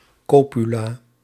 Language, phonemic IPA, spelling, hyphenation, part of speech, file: Dutch, /ˈkoː.py.laː/, copula, co‧pu‧la, noun, Nl-copula.ogg
- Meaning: 1. copula 2. a connective segment or piece of tissue, usually of cartilage, chiefly in fish